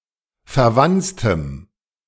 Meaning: strong dative masculine/neuter singular of verwanzt
- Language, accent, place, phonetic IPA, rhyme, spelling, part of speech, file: German, Germany, Berlin, [fɛɐ̯ˈvant͡stəm], -ant͡stəm, verwanztem, adjective, De-verwanztem.ogg